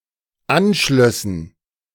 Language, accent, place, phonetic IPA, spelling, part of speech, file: German, Germany, Berlin, [ˈanˌʃlœsn̩], anschlössen, verb, De-anschlössen.ogg
- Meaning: first/third-person plural dependent subjunctive II of anschließen